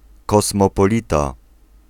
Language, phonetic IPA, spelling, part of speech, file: Polish, [ˌkɔsmɔpɔˈlʲita], kosmopolita, noun, Pl-kosmopolita.ogg